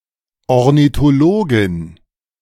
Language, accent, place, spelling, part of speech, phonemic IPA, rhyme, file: German, Germany, Berlin, Ornithologin, noun, /ɔʁnitoˈloːɡɪn/, -oːɡɪn, De-Ornithologin.ogg
- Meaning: female equivalent of Ornithologe (“ornithologist”)